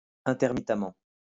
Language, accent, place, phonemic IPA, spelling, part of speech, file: French, France, Lyon, /ɛ̃.tɛʁ.mi.ta.mɑ̃/, intermittemment, adverb, LL-Q150 (fra)-intermittemment.wav
- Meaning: intermittently